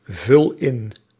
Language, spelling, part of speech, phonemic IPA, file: Dutch, vul in, verb, /ˈvʏl ˈɪn/, Nl-vul in.ogg
- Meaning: inflection of invullen: 1. first-person singular present indicative 2. second-person singular present indicative 3. imperative